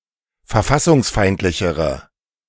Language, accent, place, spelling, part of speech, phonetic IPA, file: German, Germany, Berlin, verfassungsfeindlichere, adjective, [fɛɐ̯ˈfasʊŋsˌfaɪ̯ntlɪçəʁə], De-verfassungsfeindlichere.ogg
- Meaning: inflection of verfassungsfeindlich: 1. strong/mixed nominative/accusative feminine singular comparative degree 2. strong nominative/accusative plural comparative degree